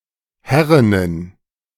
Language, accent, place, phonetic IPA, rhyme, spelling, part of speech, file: German, Germany, Berlin, [ˈhɛʁɪnən], -ɛʁɪnən, Herrinnen, noun, De-Herrinnen.ogg
- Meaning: plural of Herrin